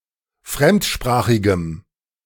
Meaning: strong dative masculine/neuter singular of fremdsprachig
- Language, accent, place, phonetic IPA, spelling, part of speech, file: German, Germany, Berlin, [ˈfʁɛmtˌʃpʁaːxɪɡəm], fremdsprachigem, adjective, De-fremdsprachigem.ogg